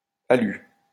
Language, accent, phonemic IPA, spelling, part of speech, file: French, France, /a.ly/, alu, noun, LL-Q150 (fra)-alu.wav
- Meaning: clipping of aluminium